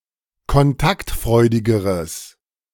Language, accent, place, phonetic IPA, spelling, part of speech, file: German, Germany, Berlin, [kɔnˈtaktˌfʁɔɪ̯dɪɡəʁəs], kontaktfreudigeres, adjective, De-kontaktfreudigeres.ogg
- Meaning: strong/mixed nominative/accusative neuter singular comparative degree of kontaktfreudig